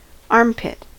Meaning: 1. The cavity beneath the junction of the arm and shoulder 2. Somewhere or something unpleasant or undesirable
- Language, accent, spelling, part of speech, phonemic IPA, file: English, US, armpit, noun, /ˈɑɹmˌpɪt/, En-us-armpit.ogg